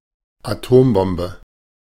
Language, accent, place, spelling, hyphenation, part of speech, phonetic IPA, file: German, Germany, Berlin, Atombombe, Atom‧bom‧be, noun, [aˈtoːmˌbɔmbə], De-Atombombe.ogg
- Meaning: atomic bomb, nuclear bomb